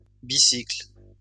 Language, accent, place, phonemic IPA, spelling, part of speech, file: French, France, Lyon, /bi.sikl/, bicycles, noun, LL-Q150 (fra)-bicycles.wav
- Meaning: plural of bicycle